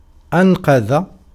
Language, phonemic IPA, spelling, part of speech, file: Arabic, /ʔan.qa.ða/, أنقذ, verb, Ar-أنقذ.ogg
- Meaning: to save, rescue